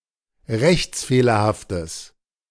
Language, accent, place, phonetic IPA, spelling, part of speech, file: German, Germany, Berlin, [ˈʁɛçt͡sˌfeːlɐhaftəs], rechtsfehlerhaftes, adjective, De-rechtsfehlerhaftes.ogg
- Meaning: strong/mixed nominative/accusative neuter singular of rechtsfehlerhaft